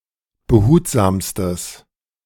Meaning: strong/mixed nominative/accusative neuter singular superlative degree of behutsam
- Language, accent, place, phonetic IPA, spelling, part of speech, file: German, Germany, Berlin, [bəˈhuːtzaːmstəs], behutsamstes, adjective, De-behutsamstes.ogg